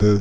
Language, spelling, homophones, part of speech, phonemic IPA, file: French, beu, beuh / beuhs / beus / bœufs, noun, /bø/, Fr-beu.ogg
- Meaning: weed, pot (marijuana)